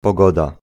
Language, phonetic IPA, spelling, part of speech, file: Polish, [pɔˈɡɔda], pogoda, noun, Pl-pogoda.ogg